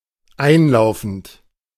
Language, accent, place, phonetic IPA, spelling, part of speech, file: German, Germany, Berlin, [ˈaɪ̯nˌlaʊ̯fn̩t], einlaufend, verb, De-einlaufend.ogg
- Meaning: present participle of einlaufen